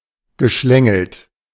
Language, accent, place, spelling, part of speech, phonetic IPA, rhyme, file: German, Germany, Berlin, geschlängelt, verb, [ɡəˈʃlɛŋl̩t], -ɛŋl̩t, De-geschlängelt.ogg
- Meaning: past participle of schlängeln